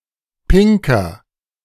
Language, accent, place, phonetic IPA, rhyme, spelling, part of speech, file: German, Germany, Berlin, [ˈpɪŋkɐ], -ɪŋkɐ, pinker, adjective, De-pinker.ogg
- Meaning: 1. comparative degree of pink 2. inflection of pink: strong/mixed nominative masculine singular 3. inflection of pink: strong genitive/dative feminine singular